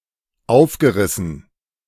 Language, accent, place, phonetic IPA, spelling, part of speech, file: German, Germany, Berlin, [ˈaʊ̯fɡəˌʁɪsn̩], aufgerissen, verb, De-aufgerissen.ogg
- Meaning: past participle of aufreißen